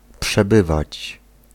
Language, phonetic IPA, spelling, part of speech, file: Polish, [pʃɛˈbɨvat͡ɕ], przebywać, verb, Pl-przebywać.ogg